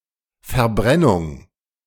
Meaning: 1. burning, combustion 2. burn
- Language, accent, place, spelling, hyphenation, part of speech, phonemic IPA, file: German, Germany, Berlin, Verbrennung, Ver‧bren‧nung, noun, /fɛɐ̯ˈbʁɛnʊŋ/, De-Verbrennung.ogg